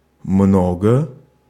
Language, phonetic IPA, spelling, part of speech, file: Russian, [ˈmnoɡə], много, adverb, Ru-много.ogg
- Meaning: 1. much 2. many 3. a lot of, plenty of 4. at most 5. бо́лее (bóleje, “more”) 6. наибо́лее (naibóleje, “the most”)